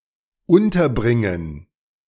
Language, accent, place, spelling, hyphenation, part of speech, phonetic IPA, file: German, Germany, Berlin, unterbringen, un‧ter‧brin‧gen, verb, [ˈʔʊntɐˌbʁɪŋən], De-unterbringen.ogg
- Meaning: 1. to accommodate 2. to host